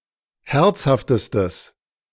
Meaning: strong/mixed nominative/accusative neuter singular superlative degree of herzhaft
- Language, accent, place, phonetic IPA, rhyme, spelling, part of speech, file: German, Germany, Berlin, [ˈhɛʁt͡shaftəstəs], -ɛʁt͡shaftəstəs, herzhaftestes, adjective, De-herzhaftestes.ogg